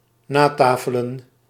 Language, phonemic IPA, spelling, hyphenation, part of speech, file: Dutch, /ˈnaːˌtaː.fə.lə(n)/, natafelen, na‧ta‧fe‧len, verb, Nl-natafelen.ogg
- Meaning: to stay at the table after eating in order to continue talking